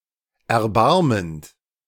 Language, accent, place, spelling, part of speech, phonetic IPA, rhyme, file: German, Germany, Berlin, erbarmend, verb, [ɛɐ̯ˈbaʁmənt], -aʁmənt, De-erbarmend.ogg
- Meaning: present participle of erbarmen